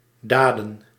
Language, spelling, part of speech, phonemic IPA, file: Dutch, daden, noun, /ˈdaːdə(n)/, Nl-daden.ogg
- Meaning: plural of daad